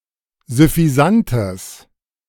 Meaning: strong/mixed nominative/accusative neuter singular of süffisant
- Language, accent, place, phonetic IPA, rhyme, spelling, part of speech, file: German, Germany, Berlin, [zʏfiˈzantəs], -antəs, süffisantes, adjective, De-süffisantes.ogg